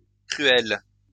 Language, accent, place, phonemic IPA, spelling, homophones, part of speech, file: French, France, Lyon, /kʁy.ɛl/, cruels, cruel / cruelle / cruelles, adjective, LL-Q150 (fra)-cruels.wav
- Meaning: masculine plural of cruel